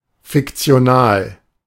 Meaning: fictional
- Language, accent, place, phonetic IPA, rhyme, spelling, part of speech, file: German, Germany, Berlin, [fɪkt͡si̯oˈnaːl], -aːl, fiktional, adjective, De-fiktional.ogg